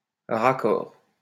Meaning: 1. join (in wallpaper, wood etc.) 2. touch-up (of paint) 3. link shot, match cut 4. joint
- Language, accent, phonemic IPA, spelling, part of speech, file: French, France, /ʁa.kɔʁ/, raccord, noun, LL-Q150 (fra)-raccord.wav